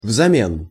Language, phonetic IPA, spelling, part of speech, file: Russian, [vzɐˈmʲen], взамен, adverb, Ru-взамен.ogg
- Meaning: in exchange (as an exchange or replacement; to reciprocate)